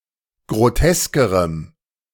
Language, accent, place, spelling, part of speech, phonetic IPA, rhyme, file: German, Germany, Berlin, groteskerem, adjective, [ɡʁoˈtɛskəʁəm], -ɛskəʁəm, De-groteskerem.ogg
- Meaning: strong dative masculine/neuter singular comparative degree of grotesk